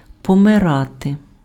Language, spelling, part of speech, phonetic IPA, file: Ukrainian, помирати, verb, [pɔmeˈrate], Uk-помирати.ogg
- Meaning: to die